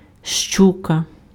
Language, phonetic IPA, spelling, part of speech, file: Ukrainian, [ˈʃt͡ʃukɐ], щука, noun, Uk-щука.ogg
- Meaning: pike (fish)